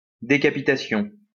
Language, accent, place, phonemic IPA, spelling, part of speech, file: French, France, Lyon, /de.ka.pi.ta.sjɔ̃/, décapitation, noun, LL-Q150 (fra)-décapitation.wav
- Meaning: beheading, decapitation